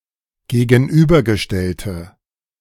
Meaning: inflection of gegenübergestellt: 1. strong/mixed nominative/accusative feminine singular 2. strong nominative/accusative plural 3. weak nominative all-gender singular
- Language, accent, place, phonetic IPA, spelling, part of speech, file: German, Germany, Berlin, [ɡeːɡn̩ˈʔyːbɐɡəˌʃtɛltə], gegenübergestellte, adjective, De-gegenübergestellte.ogg